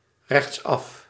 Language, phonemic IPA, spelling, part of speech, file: Dutch, /rɛx(t)ˈsɑf/, rechtsaf, adverb, Nl-rechtsaf.ogg
- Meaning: towards the right (while turning)